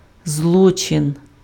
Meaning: 1. crime, offence (criminal act) 2. misdeed (wrongful act)
- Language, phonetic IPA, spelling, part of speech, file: Ukrainian, [ˈzɫɔt͡ʃen], злочин, noun, Uk-злочин.ogg